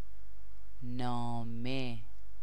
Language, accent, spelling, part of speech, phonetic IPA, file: Persian, Iran, نامه, noun, [nɒː.mé], Fa-نامه.ogg
- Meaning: 1. letter (written or printed communication) 2. book; anything written